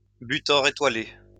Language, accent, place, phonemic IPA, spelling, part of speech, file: French, France, Lyon, /by.tɔʁ e.twa.le/, butor étoilé, noun, LL-Q150 (fra)-butor étoilé.wav
- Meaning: the Eurasian bittern